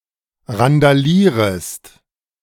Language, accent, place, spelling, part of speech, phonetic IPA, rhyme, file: German, Germany, Berlin, randalierest, verb, [ʁandaˈliːʁəst], -iːʁəst, De-randalierest.ogg
- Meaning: second-person singular subjunctive I of randalieren